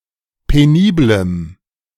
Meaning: strong dative masculine/neuter singular of penibel
- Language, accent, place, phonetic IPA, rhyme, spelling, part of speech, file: German, Germany, Berlin, [peˈniːbləm], -iːbləm, peniblem, adjective, De-peniblem.ogg